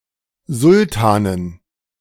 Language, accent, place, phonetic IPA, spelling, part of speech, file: German, Germany, Berlin, [ˈzʊltaːnən], Sultanen, noun, De-Sultanen.ogg
- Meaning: dative plural of Sultan